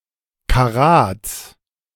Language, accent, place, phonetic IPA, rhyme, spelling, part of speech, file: German, Germany, Berlin, [kaˈʁaːt͡s], -aːt͡s, Karats, noun, De-Karats.ogg
- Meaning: genitive singular of Karat